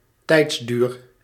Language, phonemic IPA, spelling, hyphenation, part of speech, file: Dutch, /ˈtɛi̯ts.dyːr/, tijdsduur, tijds‧duur, noun, Nl-tijdsduur.ogg
- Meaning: duration